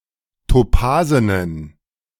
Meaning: inflection of topasen: 1. strong genitive masculine/neuter singular 2. weak/mixed genitive/dative all-gender singular 3. strong/weak/mixed accusative masculine singular 4. strong dative plural
- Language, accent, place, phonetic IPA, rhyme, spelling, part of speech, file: German, Germany, Berlin, [toˈpaːzənən], -aːzənən, topasenen, adjective, De-topasenen.ogg